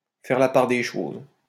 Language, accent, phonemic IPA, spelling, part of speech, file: French, France, /fɛʁ la paʁ de ʃoz/, faire la part des choses, verb, LL-Q150 (fra)-faire la part des choses.wav
- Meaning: to put things into perspective